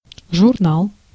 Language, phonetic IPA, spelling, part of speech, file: Russian, [ʐʊrˈnaɫ], журнал, noun, Ru-журнал.ogg
- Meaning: 1. magazine, periodical, journal 2. diary 3. log, logbook